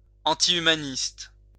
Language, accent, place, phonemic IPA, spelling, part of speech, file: French, France, Lyon, /ɑ̃.ti.y.ma.nist/, antihumaniste, adjective, LL-Q150 (fra)-antihumaniste.wav
- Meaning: antihumanist